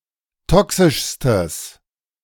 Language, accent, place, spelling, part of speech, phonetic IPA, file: German, Germany, Berlin, toxischstes, adjective, [ˈtɔksɪʃstəs], De-toxischstes.ogg
- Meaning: strong/mixed nominative/accusative neuter singular superlative degree of toxisch